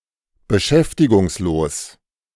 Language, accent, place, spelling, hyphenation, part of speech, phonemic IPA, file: German, Germany, Berlin, beschäftigungslos, be‧schäf‧ti‧gungs‧los, adjective, /bəˈʃɛftɪɡʊŋsˌloːs/, De-beschäftigungslos.ogg
- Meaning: unemployed